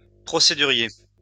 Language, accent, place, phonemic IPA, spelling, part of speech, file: French, France, Lyon, /pʁɔ.se.dy.ʁje/, procédurier, adjective / noun, LL-Q150 (fra)-procédurier.wav
- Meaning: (adjective) procedural; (noun) person liking formal procedures and judiciary solutions